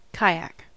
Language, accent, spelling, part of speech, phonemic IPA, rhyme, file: English, US, kayak, noun / verb, /ˈkaɪˌæk/, -aɪæk, En-us-kayak.ogg
- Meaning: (noun) A type of small boat, covered over by a surface deck, powered by the occupant or occupants using a double-bladed paddle in a sitting position, from a hole in the surface deck